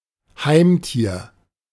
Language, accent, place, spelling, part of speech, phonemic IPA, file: German, Germany, Berlin, Heimtier, noun, /ˈhaɪ̯mtiːɐ̯/, De-Heimtier.ogg
- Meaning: An animal from an animal shelter